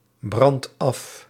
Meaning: inflection of afbranden: 1. second/third-person singular present indicative 2. plural imperative
- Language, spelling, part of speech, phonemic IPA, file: Dutch, brandt af, verb, /ˈbrɑnt ˈɑf/, Nl-brandt af.ogg